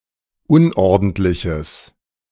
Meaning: strong/mixed nominative/accusative neuter singular of unordentlich
- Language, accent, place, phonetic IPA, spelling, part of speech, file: German, Germany, Berlin, [ˈʊnʔɔʁdn̩tlɪçəs], unordentliches, adjective, De-unordentliches.ogg